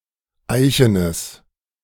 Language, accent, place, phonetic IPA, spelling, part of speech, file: German, Germany, Berlin, [ˈaɪ̯çənəs], eichenes, adjective, De-eichenes.ogg
- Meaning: strong/mixed nominative/accusative neuter singular of eichen